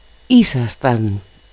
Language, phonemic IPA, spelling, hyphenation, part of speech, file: Greek, /ˈisastan/, ήσασταν, ή‧σα‧σταν, verb, El-ήσασταν.ogg
- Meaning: second-person plural imperfect of είμαι (eímai): "you were"